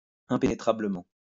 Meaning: impenetrably
- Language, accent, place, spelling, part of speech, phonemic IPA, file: French, France, Lyon, impénétrablement, adverb, /ɛ̃.pe.ne.tʁa.blə.mɑ̃/, LL-Q150 (fra)-impénétrablement.wav